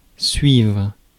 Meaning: 1. to follow (literal sense) 2. to follow; to get (figurative sense; to understand what someone is saying) 3. to take (a course or a class)
- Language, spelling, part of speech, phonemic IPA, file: French, suivre, verb, /sɥivʁ/, Fr-suivre.ogg